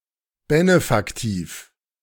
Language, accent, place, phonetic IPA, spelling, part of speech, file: German, Germany, Berlin, [ˈbenefaktiːf], Benefaktiv, noun, De-Benefaktiv.ogg
- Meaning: benefactive case